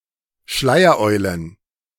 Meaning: plural of Schleiereule
- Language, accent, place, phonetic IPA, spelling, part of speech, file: German, Germany, Berlin, [ˈʃlaɪ̯ɐˌʔɔɪ̯lən], Schleiereulen, noun, De-Schleiereulen.ogg